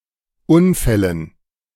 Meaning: dative plural of Unfall
- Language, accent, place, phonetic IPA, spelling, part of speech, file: German, Germany, Berlin, [ˈʊnˌfɛlən], Unfällen, noun, De-Unfällen.ogg